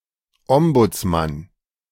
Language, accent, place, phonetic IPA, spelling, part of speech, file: German, Germany, Berlin, [ˈɔmbʊt͡sˌman], Ombudsmann, noun, De-Ombudsmann.ogg
- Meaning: ombudsman